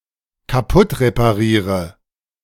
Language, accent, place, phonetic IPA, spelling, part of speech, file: German, Germany, Berlin, [kaˈpʊtʁepaˌʁiːʁə], kaputtrepariere, verb, De-kaputtrepariere.ogg
- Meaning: inflection of kaputtreparieren: 1. first-person singular dependent present 2. first/third-person singular dependent subjunctive I